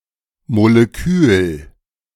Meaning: molecule
- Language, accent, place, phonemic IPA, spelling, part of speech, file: German, Germany, Berlin, /moleˈkyːl/, Molekül, noun, De-Molekül.ogg